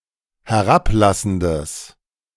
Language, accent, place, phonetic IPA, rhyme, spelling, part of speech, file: German, Germany, Berlin, [hɛˈʁapˌlasn̩dəs], -aplasn̩dəs, herablassendes, adjective, De-herablassendes.ogg
- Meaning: strong/mixed nominative/accusative neuter singular of herablassend